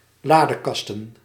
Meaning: plural of ladekast
- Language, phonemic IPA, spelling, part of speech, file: Dutch, /ˈladəˌkɑstə(n)/, ladekasten, noun, Nl-ladekasten.ogg